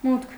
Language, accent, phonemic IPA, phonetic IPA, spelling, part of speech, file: Armenian, Eastern Armenian, /mutkʰ/, [mutkʰ], մուտք, noun, Hy-մուտք.ogg
- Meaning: 1. entrance, entry 2. access 3. income